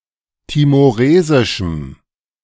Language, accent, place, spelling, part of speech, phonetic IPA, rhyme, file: German, Germany, Berlin, timoresischem, adjective, [timoˈʁeːzɪʃm̩], -eːzɪʃm̩, De-timoresischem.ogg
- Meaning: strong dative masculine/neuter singular of timoresisch